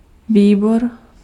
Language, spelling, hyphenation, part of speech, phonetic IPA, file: Czech, výbor, vý‧bor, noun, [ˈviːbor], Cs-výbor.ogg
- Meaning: committee